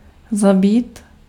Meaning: 1. to kill 2. to kill (to express one’s anger at) 3. to commit suicide, to get killed, to be killed
- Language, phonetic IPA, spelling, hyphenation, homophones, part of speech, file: Czech, [ˈzabiːt], zabít, za‧bít, zabýt, verb, Cs-zabít.ogg